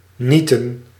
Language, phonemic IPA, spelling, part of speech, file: Dutch, /ˈnitə(n)/, nieten, verb / noun, Nl-nieten.ogg
- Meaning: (verb) 1. to staple 2. synonym of genieten; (noun) plural of niet